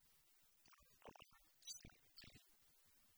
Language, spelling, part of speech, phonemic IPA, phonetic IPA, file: Tamil, தற்பால்சேர்க்கை, noun, /t̪ɐrpɑːltʃeːɾkːɐɪ̯/, [t̪ɐrpäːlseːɾkːɐɪ̯], Ta-தற்பால்சேர்க்கை.ogg
- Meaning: homosexuality